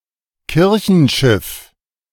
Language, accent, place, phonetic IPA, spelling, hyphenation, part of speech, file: German, Germany, Berlin, [ˈkɪʁçn̩ˌʃɪf], Kirchenschiff, Kir‧chen‧schiff, noun, De-Kirchenschiff.ogg
- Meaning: nave